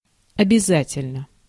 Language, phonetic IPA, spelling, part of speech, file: Russian, [ɐbʲɪˈzatʲɪlʲnə], обязательно, adverb / adjective, Ru-обязательно.ogg
- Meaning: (adverb) necessarily, without fail; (adjective) short neuter singular of обяза́тельный (objazátelʹnyj)